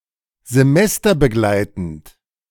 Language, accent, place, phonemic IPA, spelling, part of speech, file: German, Germany, Berlin, /zeˈmɛstɐbəˌɡlaɪ̯tn̩t/, semesterbegleitend, adjective, De-semesterbegleitend.ogg
- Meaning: semesterly (during a semester)